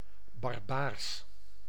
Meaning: barbaric
- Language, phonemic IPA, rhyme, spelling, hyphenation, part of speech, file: Dutch, /bɑrˈbaːrs/, -aːrs, barbaars, bar‧baars, adjective, Nl-barbaars.ogg